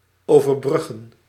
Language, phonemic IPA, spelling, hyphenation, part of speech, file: Dutch, /ˌoː.vərˈbrʏ.ɣə(n)/, overbruggen, over‧brug‧gen, verb, Nl-overbruggen.ogg
- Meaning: 1. to bridge, to span 2. to connect, to attach 3. to overcome